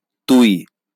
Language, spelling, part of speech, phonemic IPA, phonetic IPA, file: Bengali, তুই, pronoun, /t̪ui̯/, [ˈt̪ui̯], LL-Q9610 (ben)-তুই.wav
- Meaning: 1. you, thou; 2nd person nominative singular informal, inferior pronoun 2. you, thou; 2nd person nominative singular formal, familiar pronoun